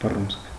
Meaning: 1. fist 2. violence
- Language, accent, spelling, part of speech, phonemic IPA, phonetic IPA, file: Armenian, Eastern Armenian, բռունցք, noun, /bəˈrunt͡sʰkʰ/, [bərúnt͡sʰkʰ], Hy-բռունցք.ogg